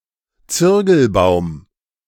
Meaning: synonym of Zürgel
- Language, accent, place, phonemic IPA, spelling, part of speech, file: German, Germany, Berlin, /ˈt͡sʏrɡəlˌbaʊ̯m/, Zürgelbaum, noun, De-Zürgelbaum.ogg